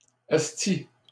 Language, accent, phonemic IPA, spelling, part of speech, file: French, Canada, /ɛs.ti/, esti, noun, LL-Q150 (fra)-esti.wav
- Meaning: alternative form of ostie